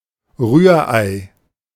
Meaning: scrambled eggs
- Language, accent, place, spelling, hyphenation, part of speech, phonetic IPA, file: German, Germany, Berlin, Rührei, Rühr‧ei, noun, [ˈʁyːɐ̯ˌʔaɪ̯], De-Rührei.ogg